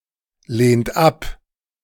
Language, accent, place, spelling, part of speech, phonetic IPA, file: German, Germany, Berlin, lehnt ab, verb, [ˌleːnt ˈap], De-lehnt ab.ogg
- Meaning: inflection of ablehnen: 1. third-person singular present 2. second-person plural present 3. plural imperative